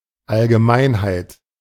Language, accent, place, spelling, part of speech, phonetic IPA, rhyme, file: German, Germany, Berlin, Allgemeinheit, noun, [alɡəˈmaɪ̯nhaɪ̯t], -aɪ̯nhaɪ̯t, De-Allgemeinheit.ogg
- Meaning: generality